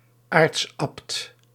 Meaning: an archabbot, the general superior ranking above all other abbots in certain Catholic congregations
- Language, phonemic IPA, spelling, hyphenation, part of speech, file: Dutch, /ˈaːrts.ɑpt/, aartsabt, aarts‧abt, noun, Nl-aartsabt.ogg